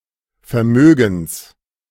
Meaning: genitive singular of Vermögen
- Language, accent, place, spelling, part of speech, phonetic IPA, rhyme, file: German, Germany, Berlin, Vermögens, noun, [fɛɐ̯ˈmøːɡn̩s], -øːɡn̩s, De-Vermögens.ogg